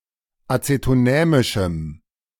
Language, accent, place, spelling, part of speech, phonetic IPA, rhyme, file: German, Germany, Berlin, acetonämischem, adjective, [ˌat͡setoˈnɛːmɪʃm̩], -ɛːmɪʃm̩, De-acetonämischem.ogg
- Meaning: strong dative masculine/neuter singular of acetonämisch